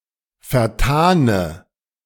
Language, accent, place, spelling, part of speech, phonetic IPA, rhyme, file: German, Germany, Berlin, vertane, adjective, [fɛɐ̯ˈtaːnə], -aːnə, De-vertane.ogg
- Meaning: inflection of vertan: 1. strong/mixed nominative/accusative feminine singular 2. strong nominative/accusative plural 3. weak nominative all-gender singular 4. weak accusative feminine/neuter singular